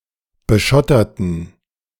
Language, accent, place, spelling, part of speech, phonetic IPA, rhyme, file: German, Germany, Berlin, beschotterten, adjective / verb, [bəˈʃɔtɐtn̩], -ɔtɐtn̩, De-beschotterten.ogg
- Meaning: inflection of beschottern: 1. first/third-person plural preterite 2. first/third-person plural subjunctive II